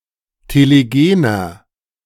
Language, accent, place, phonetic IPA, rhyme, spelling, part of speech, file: German, Germany, Berlin, [teleˈɡeːnɐ], -eːnɐ, telegener, adjective, De-telegener.ogg
- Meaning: 1. comparative degree of telegen 2. inflection of telegen: strong/mixed nominative masculine singular 3. inflection of telegen: strong genitive/dative feminine singular